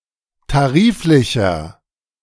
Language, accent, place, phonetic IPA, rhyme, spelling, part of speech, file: German, Germany, Berlin, [taˈʁiːflɪçɐ], -iːflɪçɐ, tariflicher, adjective, De-tariflicher.ogg
- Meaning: inflection of tariflich: 1. strong/mixed nominative masculine singular 2. strong genitive/dative feminine singular 3. strong genitive plural